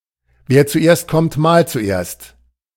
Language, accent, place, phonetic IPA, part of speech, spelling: German, Germany, Berlin, [veːɐ̯ t͡suˈʔeːɐ̯st kɔmt maːlt t͡suˈʔeːɐ̯st], phrase, wer zuerst kommt, mahlt zuerst
- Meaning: first come, first served